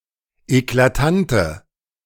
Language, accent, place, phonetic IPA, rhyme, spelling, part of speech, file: German, Germany, Berlin, [eklaˈtantə], -antə, eklatante, adjective, De-eklatante.ogg
- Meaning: inflection of eklatant: 1. strong/mixed nominative/accusative feminine singular 2. strong nominative/accusative plural 3. weak nominative all-gender singular